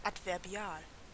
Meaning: adverbial
- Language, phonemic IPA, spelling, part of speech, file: German, /ʔatvɛɐ̯ˈbi̯aːl/, adverbial, adjective, De-adverbial.ogg